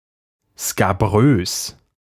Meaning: scabrous
- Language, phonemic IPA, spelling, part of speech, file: German, /skaˈbʁøːs/, skabrös, adjective, De-skabrös.ogg